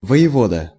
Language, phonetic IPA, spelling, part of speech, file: Russian, [və(j)ɪˈvodə], воевода, noun, Ru-воевода.ogg
- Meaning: voivode, governor of province, duke